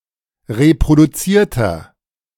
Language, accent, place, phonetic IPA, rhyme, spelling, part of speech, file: German, Germany, Berlin, [ʁepʁoduˈt͡siːɐ̯tɐ], -iːɐ̯tɐ, reproduzierter, adjective, De-reproduzierter.ogg
- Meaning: inflection of reproduziert: 1. strong/mixed nominative masculine singular 2. strong genitive/dative feminine singular 3. strong genitive plural